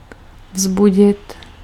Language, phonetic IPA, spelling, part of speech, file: Czech, [ˈvzbuɟɪt], vzbudit, verb, Cs-vzbudit.ogg
- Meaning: 1. to awake 2. to arouse, to provoke